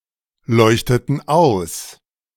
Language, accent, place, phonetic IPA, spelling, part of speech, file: German, Germany, Berlin, [ˌlɔɪ̯çtətn̩ ˈaʊ̯s], leuchteten aus, verb, De-leuchteten aus.ogg
- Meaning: inflection of ausleuchten: 1. first/third-person plural preterite 2. first/third-person plural subjunctive II